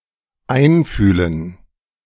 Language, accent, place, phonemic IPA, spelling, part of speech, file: German, Germany, Berlin, /ˈaɪ̯nˌfyːlən/, einfühlen, verb, De-einfühlen.ogg
- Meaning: to empathize; to put oneself in someone's shoes